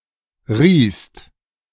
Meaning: second-person singular preterite of reihen
- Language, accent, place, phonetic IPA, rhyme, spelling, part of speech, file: German, Germany, Berlin, [ʁiːst], -iːst, riehst, verb, De-riehst.ogg